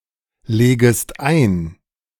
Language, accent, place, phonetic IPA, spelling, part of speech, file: German, Germany, Berlin, [ˌleːɡəst ˈaɪ̯n], legest ein, verb, De-legest ein.ogg
- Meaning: second-person singular subjunctive I of einlegen